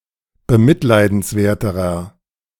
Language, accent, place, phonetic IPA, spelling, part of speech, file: German, Germany, Berlin, [bəˈmɪtlaɪ̯dn̩sˌvɛɐ̯təʁɐ], bemitleidenswerterer, adjective, De-bemitleidenswerterer.ogg
- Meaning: inflection of bemitleidenswert: 1. strong/mixed nominative masculine singular comparative degree 2. strong genitive/dative feminine singular comparative degree